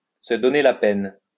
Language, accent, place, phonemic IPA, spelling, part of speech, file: French, France, Lyon, /sə dɔ.ne la pɛn/, se donner la peine, verb, LL-Q150 (fra)-se donner la peine.wav
- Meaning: to go to the trouble of, to take the trouble to, to bother to, to take the time to